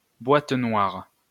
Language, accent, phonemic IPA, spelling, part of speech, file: French, France, /bwat nwaʁ/, boîte noire, noun, LL-Q150 (fra)-boîte noire.wav
- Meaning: 1. black box (data recorder of an aircraft) 2. black box (theoretical construct)